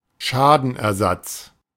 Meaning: indemnification, restitution of damage
- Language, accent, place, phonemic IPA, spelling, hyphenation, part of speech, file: German, Germany, Berlin, /ˈʃaːdn̩ʔɛɐ̯ˌzat͡s/, Schadenersatz, Scha‧den‧er‧satz, noun, De-Schadenersatz.ogg